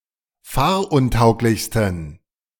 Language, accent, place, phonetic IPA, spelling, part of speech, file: German, Germany, Berlin, [ˈfaːɐ̯ʔʊnˌtaʊ̯klɪçstn̩], fahruntauglichsten, adjective, De-fahruntauglichsten.ogg
- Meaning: 1. superlative degree of fahruntauglich 2. inflection of fahruntauglich: strong genitive masculine/neuter singular superlative degree